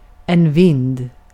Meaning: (adjective) bent, twisted, warped (not straight); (noun) 1. wind (movement of air) 2. an attic, a loft
- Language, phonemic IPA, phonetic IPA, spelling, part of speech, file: Swedish, /vɪnd/, [vɪnːd], vind, adjective / noun, Sv-vind.ogg